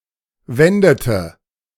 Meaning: inflection of wenden: 1. first/third-person singular preterite 2. first-person singular subjunctive II
- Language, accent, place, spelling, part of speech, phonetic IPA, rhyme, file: German, Germany, Berlin, wendete, verb, [ˈvɛndətə], -ɛndətə, De-wendete.ogg